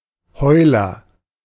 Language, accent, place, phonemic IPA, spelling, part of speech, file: German, Germany, Berlin, /ˈhɔɪ̯lɐ/, Heuler, noun / proper noun, De-Heuler.ogg
- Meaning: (noun) agent noun of heulen: 1. a baby seal left by its mother 2. a type of firecracker; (proper noun) a surname